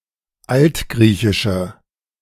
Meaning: inflection of altgriechisch: 1. strong/mixed nominative/accusative feminine singular 2. strong nominative/accusative plural 3. weak nominative all-gender singular
- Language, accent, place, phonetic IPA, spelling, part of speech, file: German, Germany, Berlin, [ˈaltˌɡʁiːçɪʃə], altgriechische, adjective, De-altgriechische.ogg